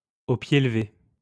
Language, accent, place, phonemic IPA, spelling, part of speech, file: French, France, Lyon, /o pje l(ə).ve/, au pied levé, adverb, LL-Q150 (fra)-au pied levé.wav
- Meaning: at a moment's notice, at the last minute, without preparation